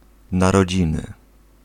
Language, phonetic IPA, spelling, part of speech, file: Polish, [ˌnarɔˈd͡ʑĩnɨ], narodziny, noun, Pl-narodziny.ogg